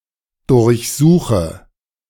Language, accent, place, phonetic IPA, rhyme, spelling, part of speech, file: German, Germany, Berlin, [dʊʁçˈzuːxə], -uːxə, durchsuche, verb, De-durchsuche.ogg
- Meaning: inflection of durchsuchen: 1. first-person singular present 2. singular imperative 3. first/third-person singular subjunctive I